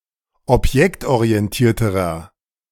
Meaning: inflection of objektorientiert: 1. strong/mixed nominative masculine singular comparative degree 2. strong genitive/dative feminine singular comparative degree
- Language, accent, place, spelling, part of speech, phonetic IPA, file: German, Germany, Berlin, objektorientierterer, adjective, [ɔpˈjɛktʔoʁiɛnˌtiːɐ̯təʁɐ], De-objektorientierterer.ogg